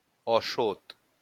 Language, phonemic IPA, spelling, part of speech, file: Bengali, /ɔʃot/, অশোত, noun, LL-Q9610 (ben)-অশোত.wav
- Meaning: sacred fig, bo tree, pipal tree, peepul (Ficus religiosa)